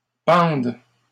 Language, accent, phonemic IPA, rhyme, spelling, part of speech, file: French, Canada, /pɑ̃d/, -ɑ̃d, pendent, verb, LL-Q150 (fra)-pendent.wav
- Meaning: third-person plural present indicative/subjunctive of pendre